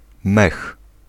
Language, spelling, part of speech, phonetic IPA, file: Polish, mech, noun, [mɛx], Pl-mech.ogg